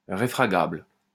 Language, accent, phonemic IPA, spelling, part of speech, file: French, France, /ʁe.fʁa.ɡabl/, réfragable, adjective, LL-Q150 (fra)-réfragable.wav
- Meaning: refragable